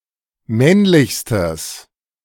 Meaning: strong/mixed nominative/accusative neuter singular superlative degree of männlich
- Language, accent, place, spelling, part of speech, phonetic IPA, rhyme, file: German, Germany, Berlin, männlichstes, adjective, [ˈmɛnlɪçstəs], -ɛnlɪçstəs, De-männlichstes.ogg